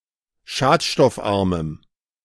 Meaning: strong dative masculine/neuter singular of schadstoffarm
- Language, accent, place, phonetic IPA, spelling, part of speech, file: German, Germany, Berlin, [ˈʃaːtʃtɔfˌʔaʁməm], schadstoffarmem, adjective, De-schadstoffarmem.ogg